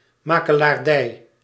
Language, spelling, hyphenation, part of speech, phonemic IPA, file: Dutch, makelaardij, ma‧ke‧laar‧dij, noun, /ˌmakəlarˈdɛi/, Nl-makelaardij.ogg
- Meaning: real estate agency